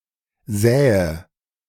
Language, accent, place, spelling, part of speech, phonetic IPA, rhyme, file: German, Germany, Berlin, säe, verb, [ˈzɛːə], -ɛːə, De-säe.ogg
- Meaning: inflection of säen: 1. first-person singular present 2. first/third-person singular subjunctive I 3. singular imperative